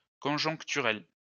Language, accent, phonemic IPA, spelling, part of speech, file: French, France, /kɔ̃.ʒɔ̃k.ty.ʁɛl/, conjoncturel, adjective, LL-Q150 (fra)-conjoncturel.wav
- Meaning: cyclical, temporary, short-term